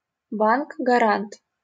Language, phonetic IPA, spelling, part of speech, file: Russian, [ɡɐˈrant], гарант, noun, LL-Q7737 (rus)-гарант.wav
- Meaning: guarantor, sponsor